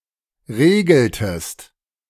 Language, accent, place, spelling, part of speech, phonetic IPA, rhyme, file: German, Germany, Berlin, regeltest, verb, [ˈʁeːɡl̩təst], -eːɡl̩təst, De-regeltest.ogg
- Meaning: inflection of regeln: 1. second-person singular preterite 2. second-person singular subjunctive II